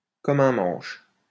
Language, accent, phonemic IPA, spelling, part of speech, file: French, France, /kɔ.m‿œ̃ mɑ̃ʃ/, comme un manche, adverb, LL-Q150 (fra)-comme un manche.wav
- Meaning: very clumsily, very badly, very poorly, like shit